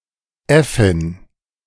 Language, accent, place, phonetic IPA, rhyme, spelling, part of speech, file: German, Germany, Berlin, [ˈɛfɪn], -ɛfɪn, Äffin, noun, De-Äffin.ogg
- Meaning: monkey or ape (female)